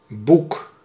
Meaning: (noun) 1. book 2. omasum; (verb) inflection of boeken: 1. first-person singular present indicative 2. second-person singular present indicative 3. imperative
- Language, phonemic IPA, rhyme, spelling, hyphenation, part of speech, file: Dutch, /buk/, -uk, boek, boek, noun / verb, Nl-boek.ogg